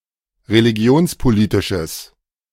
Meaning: strong/mixed nominative/accusative neuter singular of religionspolitisch
- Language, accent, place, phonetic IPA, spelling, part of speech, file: German, Germany, Berlin, [ʁeliˈɡi̯oːnspoˌliːtɪʃəs], religionspolitisches, adjective, De-religionspolitisches.ogg